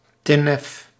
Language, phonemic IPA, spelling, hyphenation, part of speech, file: Dutch, /ˈtɪ.nəf/, tinnef, tin‧nef, noun, Nl-tinnef.ogg
- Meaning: 1. junk, stuff of poor quality 2. scum